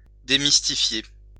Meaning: to demystify
- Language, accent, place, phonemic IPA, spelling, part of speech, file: French, France, Lyon, /de.mis.ti.fje/, démystifier, verb, LL-Q150 (fra)-démystifier.wav